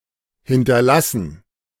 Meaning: 1. to leave, to leave behind (after leaving a location) 2. to leave, to leave behind, to be survived by (after demise) 3. to bequeath, to devise
- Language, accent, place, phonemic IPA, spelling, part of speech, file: German, Germany, Berlin, /hɪntɐˈlasn̩/, hinterlassen, verb, De-hinterlassen.ogg